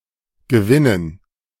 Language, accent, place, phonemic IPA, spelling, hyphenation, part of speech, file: German, Germany, Berlin, /ɡəˈvɪnən/, Gewinnen, Ge‧win‧nen, noun, De-Gewinnen.ogg
- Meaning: 1. gerund of gewinnen 2. dative plural of Gewinn